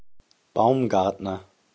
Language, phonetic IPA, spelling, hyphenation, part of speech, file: German, [ˈbaʊ̯mˌɡaʁtnɐ], Baumgartner, Baum‧gart‧ner, proper noun, De-Baumgartner.ogg
- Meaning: a surname from occupation, of Southern Germany and Austrian usage